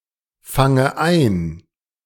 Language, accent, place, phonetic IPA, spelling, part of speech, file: German, Germany, Berlin, [ˌfaŋə ˈaɪ̯n], fange ein, verb, De-fange ein.ogg
- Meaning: inflection of einfangen: 1. first-person singular present 2. first/third-person singular subjunctive I